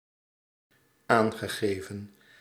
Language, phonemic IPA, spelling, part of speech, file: Dutch, /ˈaŋɣəˌɣevə(n)/, aangegeven, verb, Nl-aangegeven.ogg
- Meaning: past participle of aangeven